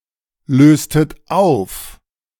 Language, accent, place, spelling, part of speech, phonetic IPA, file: German, Germany, Berlin, löstet auf, verb, [ˌløːstət ˈaʊ̯f], De-löstet auf.ogg
- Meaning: inflection of auflösen: 1. second-person plural preterite 2. second-person plural subjunctive II